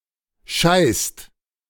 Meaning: inflection of scheißen: 1. second/third-person singular present 2. second-person plural present 3. plural imperative
- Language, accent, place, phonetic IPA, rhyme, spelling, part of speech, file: German, Germany, Berlin, [ʃaɪ̯st], -aɪ̯st, scheißt, verb, De-scheißt.ogg